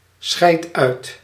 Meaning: inflection of uitscheiden: 1. first-person singular present indicative 2. second-person singular present indicative 3. imperative
- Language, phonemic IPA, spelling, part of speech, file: Dutch, /ˌsxɛi̯t ˈœy̯t/, scheid uit, verb, Nl-scheid uit.ogg